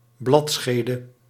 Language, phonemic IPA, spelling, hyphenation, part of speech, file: Dutch, /ˈblɑtˌsxeː.də/, bladschede, blad‧sche‧de, noun, Nl-bladschede.ogg
- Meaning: leaf sheath